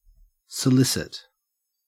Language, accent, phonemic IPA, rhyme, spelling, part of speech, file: English, Australia, /səˈlɪsɪt/, -ɪsɪt, solicit, verb / noun, En-au-solicit.ogg
- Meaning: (verb) 1. To persistently endeavor to obtain an object, or bring about an event 2. To woo; to court 3. To persuade or incite one to commit some act, especially illegal or sexual behavior